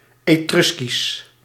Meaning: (proper noun) the Etruscan language; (adjective) Etruscan
- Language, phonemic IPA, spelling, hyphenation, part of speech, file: Dutch, /ˌeːˈtrʏs.kis/, Etruskisch, Etrus‧kisch, proper noun / adjective, Nl-Etruskisch.ogg